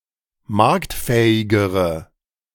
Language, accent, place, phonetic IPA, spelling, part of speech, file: German, Germany, Berlin, [ˈmaʁktˌfɛːɪɡəʁə], marktfähigere, adjective, De-marktfähigere.ogg
- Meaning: inflection of marktfähig: 1. strong/mixed nominative/accusative feminine singular comparative degree 2. strong nominative/accusative plural comparative degree